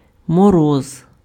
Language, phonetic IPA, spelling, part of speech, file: Ukrainian, [mɔˈrɔz], мороз, noun, Uk-мороз.ogg
- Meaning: frost